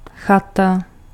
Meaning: chalet, cabin, hut
- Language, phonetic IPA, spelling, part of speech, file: Czech, [ˈxata], chata, noun, Cs-chata.ogg